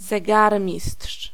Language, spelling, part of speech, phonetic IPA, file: Polish, zegarmistrz, noun, [zɛˈɡarmʲisṭʃ], Pl-zegarmistrz.ogg